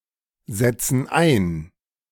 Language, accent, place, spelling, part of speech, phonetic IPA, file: German, Germany, Berlin, setzen ein, verb, [ˌzɛt͡sn̩ ˈaɪ̯n], De-setzen ein.ogg
- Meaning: inflection of einsetzen: 1. first/third-person plural present 2. first/third-person plural subjunctive I